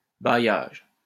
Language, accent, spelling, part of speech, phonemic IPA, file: French, France, bailliage, noun, /ba.jaʒ/, LL-Q150 (fra)-bailliage.wav
- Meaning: bailiwick